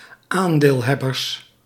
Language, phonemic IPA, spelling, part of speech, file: Dutch, /ˈandelˌhɛbərs/, aandeelhebbers, noun, Nl-aandeelhebbers.ogg
- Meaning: plural of aandeelhebber